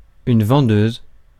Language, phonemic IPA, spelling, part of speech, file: French, /vɑ̃.døz/, vendeuse, noun, Fr-vendeuse.ogg
- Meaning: saleswoman